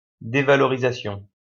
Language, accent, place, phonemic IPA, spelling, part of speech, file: French, France, Lyon, /de.va.lɔ.ʁi.za.sjɔ̃/, dévalorisation, noun, LL-Q150 (fra)-dévalorisation.wav
- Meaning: devaluation, depreciation